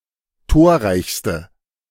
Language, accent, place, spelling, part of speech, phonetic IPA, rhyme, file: German, Germany, Berlin, torreichste, adjective, [ˈtoːɐ̯ˌʁaɪ̯çstə], -oːɐ̯ʁaɪ̯çstə, De-torreichste.ogg
- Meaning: inflection of torreich: 1. strong/mixed nominative/accusative feminine singular superlative degree 2. strong nominative/accusative plural superlative degree